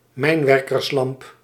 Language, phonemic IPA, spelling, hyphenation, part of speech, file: Dutch, /ˈmɛi̯n.ʋɛr.kərsˌlɑmp/, mijnwerkerslamp, mijn‧wer‧kers‧lamp, noun, Nl-mijnwerkerslamp.ogg
- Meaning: a mining lamp, lamp used in mines, often worn on miners' helmets